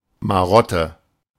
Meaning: 1. quirk, idiosyncrasy 2. marotte (prop stick or sceptre with a carved head on it)
- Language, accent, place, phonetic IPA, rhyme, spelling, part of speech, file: German, Germany, Berlin, [maˈʁɔtə], -ɔtə, Marotte, noun, De-Marotte.ogg